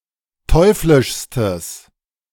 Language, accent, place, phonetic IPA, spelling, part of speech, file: German, Germany, Berlin, [ˈtɔɪ̯flɪʃstəs], teuflischstes, adjective, De-teuflischstes.ogg
- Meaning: strong/mixed nominative/accusative neuter singular superlative degree of teuflisch